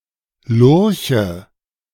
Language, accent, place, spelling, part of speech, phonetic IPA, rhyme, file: German, Germany, Berlin, Lurche, noun, [ˈlʊʁçə], -ʊʁçə, De-Lurche.ogg
- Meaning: nominative/accusative/genitive plural of Lurch